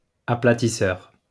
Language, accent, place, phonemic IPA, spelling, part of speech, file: French, France, Lyon, /a.pla.ti.sœʁ/, aplatisseur, noun, LL-Q150 (fra)-aplatisseur.wav
- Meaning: flattener